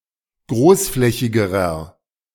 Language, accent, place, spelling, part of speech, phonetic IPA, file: German, Germany, Berlin, großflächigerer, adjective, [ˈɡʁoːsˌflɛçɪɡəʁɐ], De-großflächigerer.ogg
- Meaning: inflection of großflächig: 1. strong/mixed nominative masculine singular comparative degree 2. strong genitive/dative feminine singular comparative degree 3. strong genitive plural comparative degree